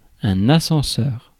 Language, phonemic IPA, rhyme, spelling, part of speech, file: French, /a.sɑ̃.sœʁ/, -œʁ, ascenseur, noun, Fr-ascenseur.ogg
- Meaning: 1. lift, elevator 2. scroll bar